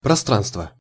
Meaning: 1. space (intervening contents of a volume) 2. spacing, space, gap, distance between two points
- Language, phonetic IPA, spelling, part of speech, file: Russian, [prɐˈstranstvə], пространство, noun, Ru-пространство.ogg